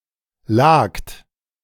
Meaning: second-person plural preterite of liegen
- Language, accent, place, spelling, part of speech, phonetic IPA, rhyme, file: German, Germany, Berlin, lagt, verb, [laːkt], -aːkt, De-lagt.ogg